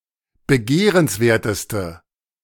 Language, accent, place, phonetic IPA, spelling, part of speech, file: German, Germany, Berlin, [bəˈɡeːʁənsˌveːɐ̯təstə], begehrenswerteste, adjective, De-begehrenswerteste.ogg
- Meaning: inflection of begehrenswert: 1. strong/mixed nominative/accusative feminine singular superlative degree 2. strong nominative/accusative plural superlative degree